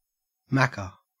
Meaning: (proper noun) A diminutive of any surname beginning with Mac or Mc; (noun) 1. A McDonald′s restaurant 2. Macquarie Island; used chiefly by people who have visited the island
- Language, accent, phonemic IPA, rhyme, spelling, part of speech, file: English, Australia, /ˈmækə/, -ækə, Macca, proper noun / noun, En-au-Macca.ogg